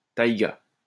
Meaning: taiga (subarctic zone of coniferous forest)
- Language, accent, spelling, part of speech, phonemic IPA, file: French, France, taïga, noun, /taj.ɡa/, LL-Q150 (fra)-taïga.wav